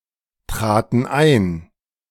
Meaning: first/third-person plural preterite of eintreten
- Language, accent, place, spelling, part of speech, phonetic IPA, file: German, Germany, Berlin, traten ein, verb, [ˌtʁaːtn̩ ˈaɪ̯n], De-traten ein.ogg